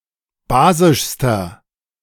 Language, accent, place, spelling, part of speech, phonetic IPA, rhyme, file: German, Germany, Berlin, basischster, adjective, [ˈbaːzɪʃstɐ], -aːzɪʃstɐ, De-basischster.ogg
- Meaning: inflection of basisch: 1. strong/mixed nominative masculine singular superlative degree 2. strong genitive/dative feminine singular superlative degree 3. strong genitive plural superlative degree